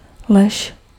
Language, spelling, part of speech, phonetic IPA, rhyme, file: Czech, lež, noun / verb, [ˈlɛʃ], -ɛʃ, Cs-lež.ogg
- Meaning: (noun) lie (not a truth); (verb) second-person singular imperative of ležet